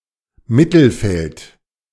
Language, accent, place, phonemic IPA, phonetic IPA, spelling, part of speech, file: German, Germany, Berlin, /ˈmɪtəlˌfɛlt/, [ˈmɪtl̩ˌfɛltʰ], Mittelfeld, noun, De-Mittelfeld.ogg
- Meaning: 1. midfield 2. the middle, the mediocre area of a range or spectrum 3. the middle part in the Feldermodell